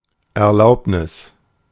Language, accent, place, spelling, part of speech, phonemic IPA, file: German, Germany, Berlin, Erlaubnis, noun, /ɛɐ̯ˈlaʊ̯pnɪs/, De-Erlaubnis.ogg
- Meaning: permission (authorisation)